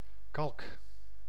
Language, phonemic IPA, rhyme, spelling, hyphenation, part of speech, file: Dutch, /kɑlk/, -ɑlk, kalk, kalk, noun / verb, Nl-kalk.ogg
- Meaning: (noun) lime (mineral); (verb) inflection of kalken: 1. first-person singular present indicative 2. second-person singular present indicative 3. imperative